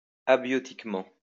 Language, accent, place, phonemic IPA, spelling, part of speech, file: French, France, Lyon, /a.bjɔ.tik.mɑ̃/, abiotiquement, adverb, LL-Q150 (fra)-abiotiquement.wav
- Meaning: abiotically